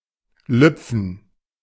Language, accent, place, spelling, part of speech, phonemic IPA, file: German, Germany, Berlin, lüpfen, verb, /ˈlʏpfən/, De-lüpfen.ogg
- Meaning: 1. to slightly lift a covering in order to see or show that beneath it 2. alternative form of lupfen